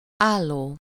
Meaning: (verb) present participle of áll; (adjective) 1. standing, upright, erect 2. portrait-format (oriented so that the vertical sides are longer than the horizontal sides)
- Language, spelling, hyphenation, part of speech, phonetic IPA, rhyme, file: Hungarian, álló, ál‧ló, verb / adjective, [ˈaːlːoː], -loː, Hu-álló.ogg